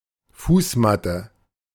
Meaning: doormat
- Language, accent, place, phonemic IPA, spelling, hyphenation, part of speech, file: German, Germany, Berlin, /ˈfuːsˌmatə/, Fußmatte, Fuß‧mat‧te, noun, De-Fußmatte.ogg